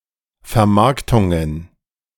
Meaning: plural of Vermarktung
- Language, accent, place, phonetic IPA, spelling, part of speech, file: German, Germany, Berlin, [fɛɐ̯ˈmaʁktʊŋən], Vermarktungen, noun, De-Vermarktungen.ogg